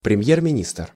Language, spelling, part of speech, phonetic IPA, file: Russian, премьер-министр, noun, [prʲɪˈm⁽ʲ⁾jer mʲɪˈnʲistr], Ru-премьер-министр.ogg
- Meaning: prime minister